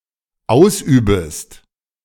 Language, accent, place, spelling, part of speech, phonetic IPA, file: German, Germany, Berlin, ausübest, verb, [ˈaʊ̯sˌʔyːbəst], De-ausübest.ogg
- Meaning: second-person singular dependent subjunctive I of ausüben